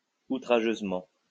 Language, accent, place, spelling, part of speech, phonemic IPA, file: French, France, Lyon, outrageusement, adverb, /u.tʁa.ʒøz.mɑ̃/, LL-Q150 (fra)-outrageusement.wav
- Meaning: outrageously